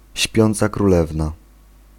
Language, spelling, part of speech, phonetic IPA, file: Polish, śpiąca królewna, noun, [ˈɕpʲjɔ̃nt͡sa kruˈlɛvna], Pl-śpiąca królewna.ogg